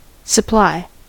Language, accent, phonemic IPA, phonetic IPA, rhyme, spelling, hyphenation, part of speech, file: English, US, /səˈplaɪ/, [sʌˈpʰɫaɪ], -aɪ, supply, sup‧ply, verb / noun, En-us-supply.ogg
- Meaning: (verb) 1. To provide (something), to make (something) available for use 2. To furnish or equip with 3. To fill up, or keep full 4. To compensate for, or make up a deficiency of